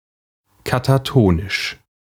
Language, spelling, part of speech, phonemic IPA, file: German, katatonisch, adjective, /kataˈtoːnɪʃ/, De-katatonisch.ogg
- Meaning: catatonic (of, relating to, or suffering from catatonia)